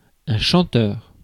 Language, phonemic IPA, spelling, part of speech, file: French, /ʃɑ̃.tœʁ/, chanteur, adjective / noun, Fr-chanteur.ogg
- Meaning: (adjective) that sings; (noun) (male) singer